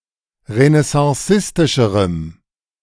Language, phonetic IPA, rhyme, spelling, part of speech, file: German, [ʁənɛsɑ̃ˈsɪstɪʃəʁəm], -ɪstɪʃəʁəm, renaissancistischerem, adjective, De-renaissancistischerem.ogg